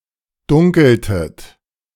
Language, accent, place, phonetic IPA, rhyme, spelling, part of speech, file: German, Germany, Berlin, [ˈdʊŋkl̩tət], -ʊŋkl̩tət, dunkeltet, verb, De-dunkeltet.ogg
- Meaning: inflection of dunkeln: 1. second-person plural preterite 2. second-person plural subjunctive II